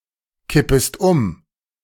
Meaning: second-person singular subjunctive I of umkippen
- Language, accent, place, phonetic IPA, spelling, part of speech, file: German, Germany, Berlin, [ˌkɪpəst ˈʊm], kippest um, verb, De-kippest um.ogg